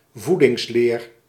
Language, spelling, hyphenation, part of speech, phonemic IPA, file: Dutch, voedingsleer, voe‧dings‧leer, noun, /ˈvu.dɪŋsˌleːr/, Nl-voedingsleer.ogg
- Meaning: 1. nutritional science 2. nutritional doctrine or body of nutritional teachings (not necessarily scientific)